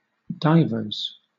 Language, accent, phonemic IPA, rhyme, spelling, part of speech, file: English, Southern England, /ˈdaɪvə(ɹ)z/, -aɪvə(ɹ)z, divers, noun, LL-Q1860 (eng)-divers.wav
- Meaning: plural of diver